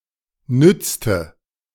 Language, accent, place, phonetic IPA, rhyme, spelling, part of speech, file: German, Germany, Berlin, [ˈnʏt͡stə], -ʏt͡stə, nützte, verb, De-nützte.ogg
- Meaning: inflection of nützen: 1. first/third-person singular preterite 2. first/third-person singular subjunctive II